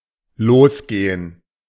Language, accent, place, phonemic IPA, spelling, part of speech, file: German, Germany, Berlin, /ˈloːsˌɡeːən/, losgehen, verb, De-losgehen.ogg
- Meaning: 1. to leave 2. to start 3. to go off